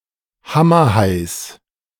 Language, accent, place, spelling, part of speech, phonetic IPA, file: German, Germany, Berlin, Hammerhais, noun, [ˈhamɐˌhaɪ̯s], De-Hammerhais.ogg
- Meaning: genitive of Hammerhai